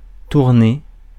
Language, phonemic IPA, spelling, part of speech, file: French, /tuʁ.ne/, tournée, verb / noun, Fr-tournée.ogg
- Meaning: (verb) feminine singular of tourné; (noun) tour (of politician, businessman, artist etc.), round (of postman)